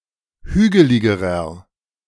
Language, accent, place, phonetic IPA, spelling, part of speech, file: German, Germany, Berlin, [ˈhyːɡəlɪɡəʁɐ], hügeligerer, adjective, De-hügeligerer.ogg
- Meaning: inflection of hügelig: 1. strong/mixed nominative masculine singular comparative degree 2. strong genitive/dative feminine singular comparative degree 3. strong genitive plural comparative degree